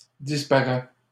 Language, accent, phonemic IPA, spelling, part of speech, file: French, Canada, /dis.pa.ʁɛ/, disparait, verb, LL-Q150 (fra)-disparait.wav
- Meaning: third-person singular present indicative of disparaitre